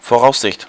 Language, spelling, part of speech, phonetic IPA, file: German, Voraussicht, noun, [foˈʁaʊ̯sˌzɪçt], De-Voraussicht.ogg
- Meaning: foresight, forethought